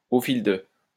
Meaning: in the course of, over the course of
- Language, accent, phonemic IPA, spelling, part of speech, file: French, France, /o fil də/, au fil de, preposition, LL-Q150 (fra)-au fil de.wav